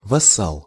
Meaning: vassal
- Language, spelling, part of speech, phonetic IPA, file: Russian, вассал, noun, [vɐˈsaɫ], Ru-вассал.ogg